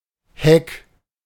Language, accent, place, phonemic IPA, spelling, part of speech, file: German, Germany, Berlin, /hɛk/, Heck, noun / proper noun, De-Heck.ogg
- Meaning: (noun) 1. stern (of a ship) 2. tail (of an aeroplane) 3. back (of a car); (proper noun) a surname